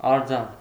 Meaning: 1. sculpture (work of art created by sculpting) 2. statue
- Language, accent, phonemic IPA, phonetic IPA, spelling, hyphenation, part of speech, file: Armenian, Eastern Armenian, /ɑɾˈd͡zɑn/, [ɑɾd͡zɑ́n], արձան, ար‧ձան, noun, Hy-արձան.ogg